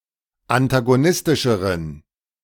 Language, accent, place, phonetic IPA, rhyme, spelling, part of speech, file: German, Germany, Berlin, [antaɡoˈnɪstɪʃəʁən], -ɪstɪʃəʁən, antagonistischeren, adjective, De-antagonistischeren.ogg
- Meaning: inflection of antagonistisch: 1. strong genitive masculine/neuter singular comparative degree 2. weak/mixed genitive/dative all-gender singular comparative degree